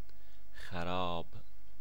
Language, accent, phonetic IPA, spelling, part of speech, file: Persian, Iran, [xæ.ɹɒ́ːb̥], خراب, adjective / noun, Fa-خراب.ogg
- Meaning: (adjective) 1. ruined, devastated, demolished, destroyed 2. drunk, intoxicated 3. spoiled, rotten 4. miserable 5. not good: bad, horrible, unpleasant